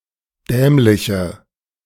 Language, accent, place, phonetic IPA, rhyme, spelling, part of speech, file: German, Germany, Berlin, [ˈdɛːmlɪçə], -ɛːmlɪçə, dämliche, adjective, De-dämliche.ogg
- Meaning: inflection of dämlich: 1. strong/mixed nominative/accusative feminine singular 2. strong nominative/accusative plural 3. weak nominative all-gender singular 4. weak accusative feminine/neuter singular